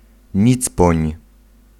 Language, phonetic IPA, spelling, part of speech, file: Polish, [ˈɲit͡spɔ̃ɲ], nicpoń, noun, Pl-nicpoń.ogg